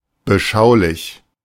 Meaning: contemplative, pensive, reflective
- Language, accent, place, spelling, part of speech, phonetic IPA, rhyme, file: German, Germany, Berlin, beschaulich, adjective, [bəˈʃaʊ̯lɪç], -aʊ̯lɪç, De-beschaulich.ogg